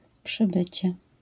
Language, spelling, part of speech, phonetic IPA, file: Polish, przybycie, noun, [pʃɨˈbɨt͡ɕɛ], LL-Q809 (pol)-przybycie.wav